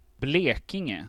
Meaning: Blekinge (a historical province in southeastern Sweden)
- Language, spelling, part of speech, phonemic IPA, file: Swedish, Blekinge, proper noun, /ˈbleːkɪŋɛ/, Sv-Blekinge.ogg